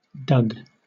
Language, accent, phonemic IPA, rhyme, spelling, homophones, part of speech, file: English, Southern England, /dʌɡ/, -ʌɡ, Doug, dug, proper noun, LL-Q1860 (eng)-Doug.wav
- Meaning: A diminutive of the male given name Douglas